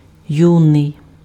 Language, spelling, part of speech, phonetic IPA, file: Ukrainian, юний, adjective, [ˈjunei̯], Uk-юний.ogg
- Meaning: young